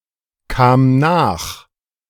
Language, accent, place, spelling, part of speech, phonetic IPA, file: German, Germany, Berlin, kam nach, verb, [ˌkaːm ˈnaːx], De-kam nach.ogg
- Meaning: first/third-person singular preterite of nachkommen